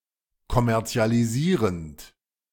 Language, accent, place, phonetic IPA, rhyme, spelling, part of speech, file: German, Germany, Berlin, [kɔmɛʁt͡si̯aliˈziːʁənt], -iːʁənt, kommerzialisierend, verb, De-kommerzialisierend.ogg
- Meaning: present participle of kommerzialisieren